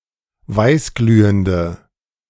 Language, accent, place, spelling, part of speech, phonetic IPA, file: German, Germany, Berlin, weißglühende, adjective, [ˈvaɪ̯sˌɡlyːəndə], De-weißglühende.ogg
- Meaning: inflection of weißglühend: 1. strong/mixed nominative/accusative feminine singular 2. strong nominative/accusative plural 3. weak nominative all-gender singular